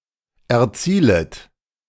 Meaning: second-person plural subjunctive I of erzielen
- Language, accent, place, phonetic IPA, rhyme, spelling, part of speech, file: German, Germany, Berlin, [ɛɐ̯ˈt͡siːlət], -iːlət, erzielet, verb, De-erzielet.ogg